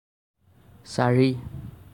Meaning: four
- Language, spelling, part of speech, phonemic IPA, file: Assamese, চাৰি, numeral, /sɑ.ɹi/, As-চাৰি.ogg